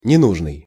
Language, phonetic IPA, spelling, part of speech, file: Russian, [nʲɪˈnuʐnɨj], ненужный, adjective, Ru-ненужный.ogg
- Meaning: needless, unnecessary, unneeded (not needed)